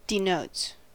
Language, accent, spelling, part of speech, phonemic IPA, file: English, US, denotes, verb, /dɪˈnoʊts/, En-us-denotes.ogg
- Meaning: third-person singular simple present indicative of denote